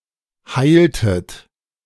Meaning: inflection of heilen: 1. second-person plural preterite 2. second-person plural subjunctive II
- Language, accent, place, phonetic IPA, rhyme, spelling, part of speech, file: German, Germany, Berlin, [ˈhaɪ̯ltət], -aɪ̯ltət, heiltet, verb, De-heiltet.ogg